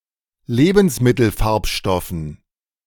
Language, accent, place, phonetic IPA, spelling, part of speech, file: German, Germany, Berlin, [ˈleːbn̩sˌmɪtl̩ˌfaʁpʃtɔfn̩], Lebensmittelfarbstoffen, noun, De-Lebensmittelfarbstoffen.ogg
- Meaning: dative plural of Lebensmittelfarbstoff